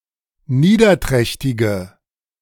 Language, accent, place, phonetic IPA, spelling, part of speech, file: German, Germany, Berlin, [ˈniːdɐˌtʁɛçtɪɡə], niederträchtige, adjective, De-niederträchtige.ogg
- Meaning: inflection of niederträchtig: 1. strong/mixed nominative/accusative feminine singular 2. strong nominative/accusative plural 3. weak nominative all-gender singular